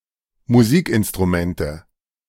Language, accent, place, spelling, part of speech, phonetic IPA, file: German, Germany, Berlin, Musikinstrumente, noun, [muˈziːkʔɪnstʁuˌmɛntə], De-Musikinstrumente.ogg
- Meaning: nominative/accusative/genitive plural of Musikinstrument